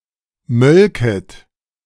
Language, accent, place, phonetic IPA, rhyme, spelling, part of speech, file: German, Germany, Berlin, [ˈmœlkət], -œlkət, mölket, verb, De-mölket.ogg
- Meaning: second-person plural subjunctive II of melken